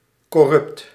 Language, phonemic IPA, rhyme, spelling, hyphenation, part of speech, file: Dutch, /kɔˈrʏpt/, -ʏpt, corrupt, cor‧rupt, adjective, Nl-corrupt.ogg
- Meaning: 1. corrupt (lacking integrity, being prone to discriminating, open to bribes, etc.) 2. corrupt (containing (many) errors) 3. deprave, morally corrupt